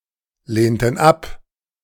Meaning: inflection of ablehnen: 1. first/third-person plural preterite 2. first/third-person plural subjunctive II
- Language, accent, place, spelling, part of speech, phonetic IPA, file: German, Germany, Berlin, lehnten ab, verb, [ˌleːntn̩ ˈap], De-lehnten ab.ogg